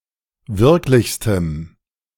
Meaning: strong dative masculine/neuter singular superlative degree of wirklich
- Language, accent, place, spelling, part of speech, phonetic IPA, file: German, Germany, Berlin, wirklichstem, adjective, [ˈvɪʁklɪçstəm], De-wirklichstem.ogg